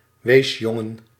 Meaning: an orphan boy
- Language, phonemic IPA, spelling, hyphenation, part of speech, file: Dutch, /ˈʋeːsˌjɔ.ŋə(n)/, weesjongen, wees‧jon‧gen, noun, Nl-weesjongen.ogg